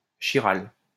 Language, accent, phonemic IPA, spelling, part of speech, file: French, France, /ki.ʁal/, chiral, adjective, LL-Q150 (fra)-chiral.wav
- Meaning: chiral